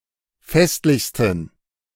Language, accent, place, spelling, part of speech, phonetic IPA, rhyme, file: German, Germany, Berlin, festlichsten, adjective, [ˈfɛstlɪçstn̩], -ɛstlɪçstn̩, De-festlichsten.ogg
- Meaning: 1. superlative degree of festlich 2. inflection of festlich: strong genitive masculine/neuter singular superlative degree